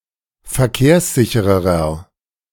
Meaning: 1. comparative degree of verkehrssicher 2. inflection of verkehrssicher: strong/mixed nominative masculine singular 3. inflection of verkehrssicher: strong genitive/dative feminine singular
- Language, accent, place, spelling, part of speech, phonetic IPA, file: German, Germany, Berlin, verkehrssicherer, adjective, [fɛɐ̯ˈkeːɐ̯sˌzɪçəʁɐ], De-verkehrssicherer.ogg